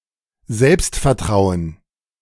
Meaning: self-confidence
- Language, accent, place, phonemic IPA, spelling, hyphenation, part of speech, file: German, Germany, Berlin, /ˈzɛlpstfɛɐ̯ˌtʁaʊ̯ən/, Selbstvertrauen, Selbst‧ver‧trau‧en, noun, De-Selbstvertrauen.ogg